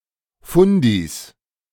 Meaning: 1. plural of Fundi 2. genitive singular of Fundi
- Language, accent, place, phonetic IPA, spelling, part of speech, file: German, Germany, Berlin, [ˈfʊndiːs], Fundis, noun, De-Fundis.ogg